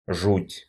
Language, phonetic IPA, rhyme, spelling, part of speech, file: Russian, [ʐutʲ], -utʲ, жуть, noun, Ru-жуть.ogg
- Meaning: dismay, dread, horror